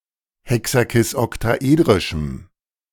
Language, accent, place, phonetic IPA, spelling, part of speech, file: German, Germany, Berlin, [ˌhɛksakɪsʔɔktaˈʔeːdʁɪʃm̩], hexakisoktaedrischem, adjective, De-hexakisoktaedrischem.ogg
- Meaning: strong dative masculine/neuter singular of hexakisoktaedrisch